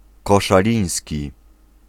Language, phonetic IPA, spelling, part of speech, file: Polish, [ˌkɔʃaˈlʲĩj̃sʲci], koszaliński, adjective, Pl-koszaliński.ogg